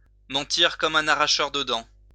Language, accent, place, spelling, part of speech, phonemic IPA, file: French, France, Lyon, mentir comme un arracheur de dents, verb, /mɑ̃.tiʁ kɔ.m‿œ̃ a.ʁa.ʃœʁ də dɑ̃/, LL-Q150 (fra)-mentir comme un arracheur de dents.wav
- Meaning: to lie through one's teeth, to lie brazenly, shamelessly